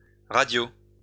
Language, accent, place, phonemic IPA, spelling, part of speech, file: French, France, Lyon, /ʁa.djo/, radios, noun, LL-Q150 (fra)-radios.wav
- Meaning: plural of radio